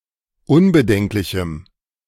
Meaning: strong dative masculine/neuter singular of unbedenklich
- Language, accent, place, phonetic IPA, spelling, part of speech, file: German, Germany, Berlin, [ˈʊnbəˌdɛŋklɪçm̩], unbedenklichem, adjective, De-unbedenklichem.ogg